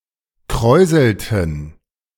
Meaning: inflection of kräuseln: 1. first/third-person plural preterite 2. first/third-person plural subjunctive II
- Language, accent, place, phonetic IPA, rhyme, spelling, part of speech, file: German, Germany, Berlin, [ˈkʁɔɪ̯zl̩tn̩], -ɔɪ̯zl̩tn̩, kräuselten, verb, De-kräuselten.ogg